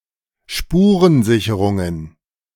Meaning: plural of Spurensicherung
- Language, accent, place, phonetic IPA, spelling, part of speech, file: German, Germany, Berlin, [ˈʃpuːʁənˌzɪçəʁʊŋən], Spurensicherungen, noun, De-Spurensicherungen.ogg